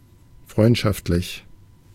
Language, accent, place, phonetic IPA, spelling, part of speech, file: German, Germany, Berlin, [ˈfʁɔɪ̯ntʃaftlɪç], freundschaftlich, adjective, De-freundschaftlich.ogg
- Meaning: friendly, amicable